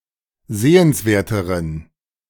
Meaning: inflection of sehenswert: 1. strong genitive masculine/neuter singular comparative degree 2. weak/mixed genitive/dative all-gender singular comparative degree
- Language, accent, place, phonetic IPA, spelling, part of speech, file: German, Germany, Berlin, [ˈzeːənsˌveːɐ̯təʁən], sehenswerteren, adjective, De-sehenswerteren.ogg